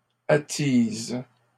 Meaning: inflection of attiser: 1. first/third-person singular present indicative/subjunctive 2. second-person singular imperative
- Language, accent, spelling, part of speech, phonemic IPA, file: French, Canada, attise, verb, /a.tiz/, LL-Q150 (fra)-attise.wav